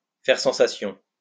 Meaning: to make a splash, to cause a stir, to cause a sensation; to be a hit, to be a huge success
- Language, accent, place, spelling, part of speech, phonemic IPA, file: French, France, Lyon, faire sensation, verb, /fɛʁ sɑ̃.sa.sjɔ̃/, LL-Q150 (fra)-faire sensation.wav